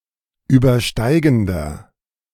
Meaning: inflection of übersteigend: 1. strong/mixed nominative masculine singular 2. strong genitive/dative feminine singular 3. strong genitive plural
- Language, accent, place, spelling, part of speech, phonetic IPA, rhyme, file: German, Germany, Berlin, übersteigender, adjective, [ˌyːbɐˈʃtaɪ̯ɡn̩dɐ], -aɪ̯ɡn̩dɐ, De-übersteigender.ogg